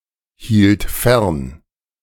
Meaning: first/third-person singular preterite of fernhalten
- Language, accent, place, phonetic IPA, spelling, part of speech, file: German, Germany, Berlin, [ˌhiːlt ˈfɛʁn], hielt fern, verb, De-hielt fern.ogg